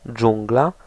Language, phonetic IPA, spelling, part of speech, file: Polish, [ˈd͡ʒũŋɡla], dżungla, noun, Pl-dżungla.ogg